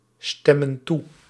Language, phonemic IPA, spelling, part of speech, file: Dutch, /ˈstɛmə(n) ˈtu/, stemmen toe, verb, Nl-stemmen toe.ogg
- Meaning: inflection of toestemmen: 1. plural present indicative 2. plural present subjunctive